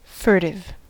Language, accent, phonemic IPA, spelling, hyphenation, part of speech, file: English, General American, /ˈfɝtɪv/, furtive, furt‧ive, adjective, En-us-furtive.ogg
- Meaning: 1. Of a thing: done with evasive or guilty secrecy 2. Of a thing: that has been acquired by theft; stolen; also (generally) taken stealthily 3. Of a person or an animal: sly, stealthy